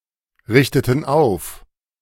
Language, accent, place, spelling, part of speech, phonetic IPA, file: German, Germany, Berlin, richteten auf, verb, [ˌʁɪçtətn̩ ˈaʊ̯f], De-richteten auf.ogg
- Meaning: inflection of aufrichten: 1. first/third-person plural preterite 2. first/third-person plural subjunctive II